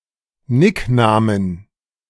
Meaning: 1. genitive singular of Nickname 2. plural of Nickname
- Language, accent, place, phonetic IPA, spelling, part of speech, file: German, Germany, Berlin, [ˈnɪkˌnaːmən], Nicknamen, noun, De-Nicknamen.ogg